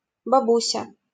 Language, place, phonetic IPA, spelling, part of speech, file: Russian, Saint Petersburg, [bɐˈbusʲə], бабуся, noun, LL-Q7737 (rus)-бабуся.wav
- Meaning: granny, grandma